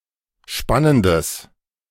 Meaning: strong/mixed nominative/accusative neuter singular of spannend
- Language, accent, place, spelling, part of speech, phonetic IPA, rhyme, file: German, Germany, Berlin, spannendes, adjective, [ˈʃpanəndəs], -anəndəs, De-spannendes.ogg